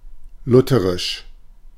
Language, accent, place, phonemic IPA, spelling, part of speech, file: German, Germany, Berlin, /ˈlʊtəʁɪʃ/, lutherisch, adjective, De-lutherisch.ogg
- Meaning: Lutheran